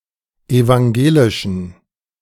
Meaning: inflection of evangelisch: 1. strong genitive masculine/neuter singular 2. weak/mixed genitive/dative all-gender singular 3. strong/weak/mixed accusative masculine singular 4. strong dative plural
- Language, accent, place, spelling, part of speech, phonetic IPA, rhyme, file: German, Germany, Berlin, evangelischen, adjective, [evaŋˈɡeːlɪʃn̩], -eːlɪʃn̩, De-evangelischen.ogg